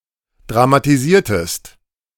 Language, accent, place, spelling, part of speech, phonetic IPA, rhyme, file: German, Germany, Berlin, dramatisiertest, verb, [dʁamatiˈziːɐ̯təst], -iːɐ̯təst, De-dramatisiertest.ogg
- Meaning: inflection of dramatisieren: 1. second-person singular preterite 2. second-person singular subjunctive II